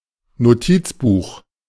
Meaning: notebook (book)
- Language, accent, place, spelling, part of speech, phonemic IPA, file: German, Germany, Berlin, Notizbuch, noun, /noˈtiːtsˌbuːχ/, De-Notizbuch.ogg